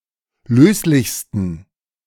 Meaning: 1. superlative degree of löslich 2. inflection of löslich: strong genitive masculine/neuter singular superlative degree
- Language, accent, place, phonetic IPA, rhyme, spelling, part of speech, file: German, Germany, Berlin, [ˈløːslɪçstn̩], -øːslɪçstn̩, löslichsten, adjective, De-löslichsten.ogg